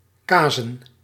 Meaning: plural of kaas
- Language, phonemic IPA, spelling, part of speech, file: Dutch, /ˈkaː.zə(n)/, kazen, noun, Nl-kazen.ogg